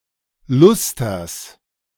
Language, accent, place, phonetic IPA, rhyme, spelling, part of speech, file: German, Germany, Berlin, [ˈlʊstɐs], -ʊstɐs, Lusters, noun, De-Lusters.ogg
- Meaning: genitive of Luster